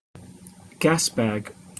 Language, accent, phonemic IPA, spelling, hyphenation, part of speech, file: English, Received Pronunciation, /ˈɡæs.bæɡ/, gasbag, gas‧bag, noun / verb, En-uk-gasbag.opus
- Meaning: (noun) 1. A bag or bladder to hold a reservoir of gas, as in a hot-air balloon 2. A lighter-than-air aircraft; a balloon or dirigible